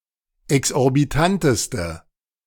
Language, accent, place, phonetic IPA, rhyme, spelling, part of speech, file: German, Germany, Berlin, [ɛksʔɔʁbiˈtantəstə], -antəstə, exorbitanteste, adjective, De-exorbitanteste.ogg
- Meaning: inflection of exorbitant: 1. strong/mixed nominative/accusative feminine singular superlative degree 2. strong nominative/accusative plural superlative degree